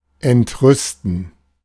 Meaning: 1. to be indignant 2. to enrage
- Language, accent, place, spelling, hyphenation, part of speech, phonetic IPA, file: German, Germany, Berlin, entrüsten, ent‧rüs‧ten, verb, [ɛntˈʁʏstn̩], De-entrüsten.ogg